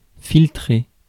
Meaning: 1. to filter 2. to leak (secret information)
- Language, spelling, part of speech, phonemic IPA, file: French, filtrer, verb, /fil.tʁe/, Fr-filtrer.ogg